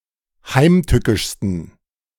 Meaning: 1. superlative degree of heimtückisch 2. inflection of heimtückisch: strong genitive masculine/neuter singular superlative degree
- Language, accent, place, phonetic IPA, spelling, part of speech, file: German, Germany, Berlin, [ˈhaɪ̯mˌtʏkɪʃstn̩], heimtückischsten, adjective, De-heimtückischsten.ogg